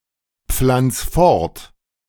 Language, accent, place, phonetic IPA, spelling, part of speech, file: German, Germany, Berlin, [ˌp͡flant͡s ˈfɔʁt], pflanz fort, verb, De-pflanz fort.ogg
- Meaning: 1. singular imperative of fortpflanzen 2. first-person singular present of fortpflanzen